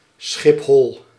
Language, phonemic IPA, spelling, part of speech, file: Dutch, /ˌsxɪpˈɦɔl/, Schiphol, proper noun, Nl-Schiphol.ogg
- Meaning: Schiphol, the airport of the city of Amsterdam, and the main international airport of the Netherlands